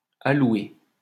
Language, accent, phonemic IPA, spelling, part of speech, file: French, France, /a.lwe/, alloué, verb, LL-Q150 (fra)-alloué.wav
- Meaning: past participle of allouer